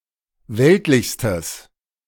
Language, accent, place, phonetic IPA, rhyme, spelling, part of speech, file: German, Germany, Berlin, [ˈvɛltlɪçstəs], -ɛltlɪçstəs, weltlichstes, adjective, De-weltlichstes.ogg
- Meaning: strong/mixed nominative/accusative neuter singular superlative degree of weltlich